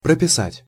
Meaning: 1. to prescribe (medicine) 2. to register (tenants, documentation) 3. to record (information)
- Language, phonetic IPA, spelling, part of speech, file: Russian, [prəpʲɪˈsatʲ], прописать, verb, Ru-прописать.ogg